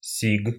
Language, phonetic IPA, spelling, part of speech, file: Russian, [sʲik], сиг, noun, Ru-сиг.ogg
- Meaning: A whitefish of the family Coregoninae, including